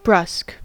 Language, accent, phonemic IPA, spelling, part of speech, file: English, General American, /bɹʌsk/, brusque, adjective / verb, En-us-brusque.ogg
- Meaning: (adjective) 1. Rudely abrupt; curt, unfriendly 2. Sour, tart; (verb) To act towards (someone or something) in a curt or rudely abrupt manner